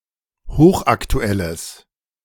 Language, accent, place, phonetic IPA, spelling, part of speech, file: German, Germany, Berlin, [ˈhoːxʔaktuˌɛləs], hochaktuelles, adjective, De-hochaktuelles.ogg
- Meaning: strong/mixed nominative/accusative neuter singular of hochaktuell